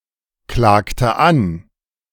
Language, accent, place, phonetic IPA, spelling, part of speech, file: German, Germany, Berlin, [ˌklaːktə ˈan], klagte an, verb, De-klagte an.ogg
- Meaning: inflection of anklagen: 1. first/third-person singular preterite 2. first/third-person singular subjunctive II